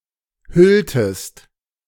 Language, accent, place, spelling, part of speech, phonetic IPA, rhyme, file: German, Germany, Berlin, hülltest, verb, [ˈhʏltəst], -ʏltəst, De-hülltest.ogg
- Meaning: inflection of hüllen: 1. second-person singular preterite 2. second-person singular subjunctive II